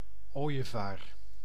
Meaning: 1. A stork, bird of the family Ciconiidae 2. white stork (Ciconia ciconia)
- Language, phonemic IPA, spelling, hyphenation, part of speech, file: Dutch, /ˈoː.jəˌvaːr/, ooievaar, ooi‧e‧vaar, noun, Nl-ooievaar.ogg